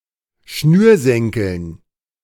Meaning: dative plural of Schnürsenkel
- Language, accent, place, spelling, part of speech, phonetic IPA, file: German, Germany, Berlin, Schnürsenkeln, noun, [ˈʃnyːɐ̯ˌsɛŋkl̩n], De-Schnürsenkeln.ogg